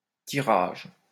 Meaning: 1. pulling (action of pulling) 2. drawing (drawing of lots) 3. printing (putting symbols on a newspaper) 4. circulation (number of copies sold of e.g. a newspaper)
- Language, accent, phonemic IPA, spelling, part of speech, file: French, France, /ti.ʁaʒ/, tirage, noun, LL-Q150 (fra)-tirage.wav